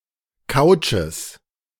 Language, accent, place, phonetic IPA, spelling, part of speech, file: German, Germany, Berlin, [ˈkaʊ̯t͡ʃəs], Couches, noun, De-Couches.ogg
- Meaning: plural of Couch